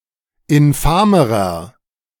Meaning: inflection of infam: 1. strong/mixed nominative masculine singular comparative degree 2. strong genitive/dative feminine singular comparative degree 3. strong genitive plural comparative degree
- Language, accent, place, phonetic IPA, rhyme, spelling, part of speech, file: German, Germany, Berlin, [ɪnˈfaːməʁɐ], -aːməʁɐ, infamerer, adjective, De-infamerer.ogg